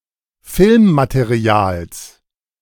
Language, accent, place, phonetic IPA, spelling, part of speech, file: German, Germany, Berlin, [ˈfɪlmmateˌʁi̯aːls], Filmmaterials, noun, De-Filmmaterials.ogg
- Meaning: genitive of Filmmaterial